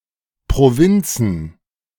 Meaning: plural of Provinz
- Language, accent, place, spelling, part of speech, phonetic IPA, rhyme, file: German, Germany, Berlin, Provinzen, noun, [pʁoˈvɪnt͡sn̩], -ɪnt͡sn̩, De-Provinzen.ogg